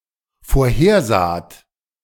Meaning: second-person plural dependent preterite of vorhersehen
- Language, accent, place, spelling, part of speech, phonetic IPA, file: German, Germany, Berlin, vorhersaht, verb, [foːɐ̯ˈheːɐ̯ˌzaːt], De-vorhersaht.ogg